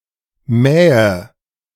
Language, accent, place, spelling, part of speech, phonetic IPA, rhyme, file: German, Germany, Berlin, mähe, verb, [ˈmɛːə], -ɛːə, De-mähe.ogg
- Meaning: inflection of mähen: 1. first-person singular present 2. first/third-person singular subjunctive I 3. singular imperative